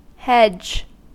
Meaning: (noun) A thicket of bushes or other shrubbery, especially one planted as a fence between two portions of land, or to separate the parts of a garden
- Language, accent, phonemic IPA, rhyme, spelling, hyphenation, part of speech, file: English, General American, /ˈhɛd͡ʒ/, -ɛdʒ, hedge, hedge, noun / verb, En-us-hedge.ogg